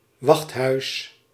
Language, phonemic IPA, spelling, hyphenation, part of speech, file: Dutch, /ˈʋɑxt.ɦœy̯s/, wachthuis, wacht‧huis, noun, Nl-wachthuis.ogg
- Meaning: 1. guardhouse 2. guard booth, sentry-box